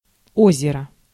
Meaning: lake
- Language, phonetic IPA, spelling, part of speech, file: Russian, [ˈozʲɪrə], озеро, noun, Ru-озеро.ogg